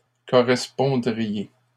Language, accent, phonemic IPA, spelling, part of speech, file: French, Canada, /kɔ.ʁɛs.pɔ̃.dʁi.je/, correspondriez, verb, LL-Q150 (fra)-correspondriez.wav
- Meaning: second-person plural conditional of correspondre